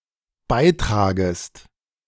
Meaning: second-person singular dependent subjunctive I of beitragen
- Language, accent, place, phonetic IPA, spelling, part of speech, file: German, Germany, Berlin, [ˈbaɪ̯ˌtʁaːɡəst], beitragest, verb, De-beitragest.ogg